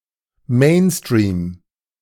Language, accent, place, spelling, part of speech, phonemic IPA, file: German, Germany, Berlin, Mainstream, noun, /ˈmeːnstʁiːm/, De-Mainstream.ogg
- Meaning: mainstream